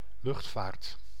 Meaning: aviation
- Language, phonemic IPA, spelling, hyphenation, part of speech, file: Dutch, /ˈlʏxtfaːrt/, luchtvaart, lucht‧vaart, noun, Nl-luchtvaart.ogg